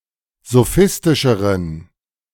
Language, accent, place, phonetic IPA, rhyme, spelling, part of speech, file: German, Germany, Berlin, [zoˈfɪstɪʃəʁən], -ɪstɪʃəʁən, sophistischeren, adjective, De-sophistischeren.ogg
- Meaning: inflection of sophistisch: 1. strong genitive masculine/neuter singular comparative degree 2. weak/mixed genitive/dative all-gender singular comparative degree